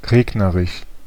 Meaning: rainy
- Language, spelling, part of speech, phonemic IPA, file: German, regnerisch, adjective, /ˈʁeːɡnəʁɪʃ/, De-regnerisch.ogg